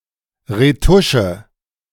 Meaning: retouching
- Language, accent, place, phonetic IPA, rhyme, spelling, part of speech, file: German, Germany, Berlin, [ʁeˈtʊʃə], -ʊʃə, Retusche, noun, De-Retusche.ogg